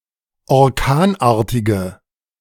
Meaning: inflection of orkanartig: 1. strong/mixed nominative/accusative feminine singular 2. strong nominative/accusative plural 3. weak nominative all-gender singular
- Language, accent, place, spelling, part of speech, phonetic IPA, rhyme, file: German, Germany, Berlin, orkanartige, adjective, [ɔʁˈkaːnˌʔaːɐ̯tɪɡə], -aːnʔaːɐ̯tɪɡə, De-orkanartige.ogg